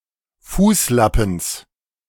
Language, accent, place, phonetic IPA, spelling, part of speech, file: German, Germany, Berlin, [ˈfuːsˌlapn̩s], Fußlappens, noun, De-Fußlappens.ogg
- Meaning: genitive singular of Fußlappen